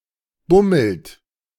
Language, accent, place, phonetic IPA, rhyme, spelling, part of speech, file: German, Germany, Berlin, [ˈbʊml̩t], -ʊml̩t, bummelt, verb, De-bummelt.ogg
- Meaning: inflection of bummeln: 1. third-person singular present 2. second-person plural present 3. plural imperative